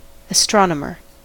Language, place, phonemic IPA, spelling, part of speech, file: English, California, /əˈstɹɑ.nə.mɚ/, astronomer, noun, En-us-astronomer.ogg
- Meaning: One who studies astronomy, the stars or the physical universe; a scientist whose area of research is astronomy or astrophysics